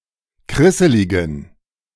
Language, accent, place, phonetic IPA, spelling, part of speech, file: German, Germany, Berlin, [ˈkʁɪsəlɪɡn̩], krisseligen, adjective, De-krisseligen.ogg
- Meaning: inflection of krisselig: 1. strong genitive masculine/neuter singular 2. weak/mixed genitive/dative all-gender singular 3. strong/weak/mixed accusative masculine singular 4. strong dative plural